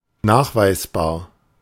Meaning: 1. detectable, measurable 2. verifiable, provable
- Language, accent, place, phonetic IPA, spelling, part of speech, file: German, Germany, Berlin, [ˈnaːxvaɪ̯sˌbaːɐ̯], nachweisbar, adjective, De-nachweisbar.ogg